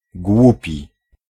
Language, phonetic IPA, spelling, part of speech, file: Polish, [ˈɡwupʲi], głupi, adjective, Pl-głupi.ogg